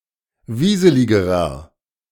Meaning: inflection of wieselig: 1. strong/mixed nominative masculine singular comparative degree 2. strong genitive/dative feminine singular comparative degree 3. strong genitive plural comparative degree
- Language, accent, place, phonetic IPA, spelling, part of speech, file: German, Germany, Berlin, [ˈviːzəlɪɡəʁɐ], wieseligerer, adjective, De-wieseligerer.ogg